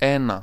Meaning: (article) a, an: 1. masculine accusative of ένας (énas) 2. neuter nominative/accusative of ένας (énas); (numeral) one: masculine accusative of ένας (énas)
- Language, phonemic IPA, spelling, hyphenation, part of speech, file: Greek, /ˈe.na/, ένα, έ‧να, article / numeral, El-ένα.ogg